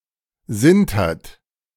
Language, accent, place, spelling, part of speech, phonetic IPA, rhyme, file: German, Germany, Berlin, sintert, verb, [ˈzɪntɐt], -ɪntɐt, De-sintert.ogg
- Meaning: inflection of sintern: 1. third-person singular present 2. second-person plural present 3. plural imperative